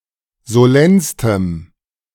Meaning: strong dative masculine/neuter singular superlative degree of solenn
- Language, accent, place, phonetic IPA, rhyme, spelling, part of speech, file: German, Germany, Berlin, [zoˈlɛnstəm], -ɛnstəm, solennstem, adjective, De-solennstem.ogg